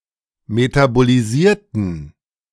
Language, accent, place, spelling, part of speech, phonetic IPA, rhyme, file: German, Germany, Berlin, metabolisierten, adjective / verb, [ˌmetaboliˈziːɐ̯tn̩], -iːɐ̯tn̩, De-metabolisierten.ogg
- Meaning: inflection of metabolisiert: 1. strong genitive masculine/neuter singular 2. weak/mixed genitive/dative all-gender singular 3. strong/weak/mixed accusative masculine singular 4. strong dative plural